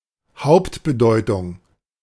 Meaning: core sense, basic meaning
- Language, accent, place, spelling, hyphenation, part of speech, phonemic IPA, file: German, Germany, Berlin, Hauptbedeutung, Haupt‧be‧deu‧tung, noun, /ˈhaʊ̯ptbəˌdɔɪ̯tʊŋ/, De-Hauptbedeutung.ogg